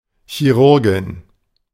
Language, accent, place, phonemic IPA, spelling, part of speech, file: German, Germany, Berlin, /çiˈʁʊʁɡɪn/, Chirurgin, noun, De-Chirurgin.ogg
- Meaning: surgeon (female) (doctor who performs surgery)